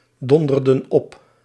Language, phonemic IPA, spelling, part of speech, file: Dutch, /ˈdɔndərdə(n) ˈɔp/, donderden op, verb, Nl-donderden op.ogg
- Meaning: inflection of opdonderen: 1. plural past indicative 2. plural past subjunctive